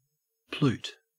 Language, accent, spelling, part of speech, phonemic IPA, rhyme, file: English, Australia, plute, noun, /pluːt/, -uːt, En-au-plute.ogg
- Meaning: A plutocrat, especially a rich industrialist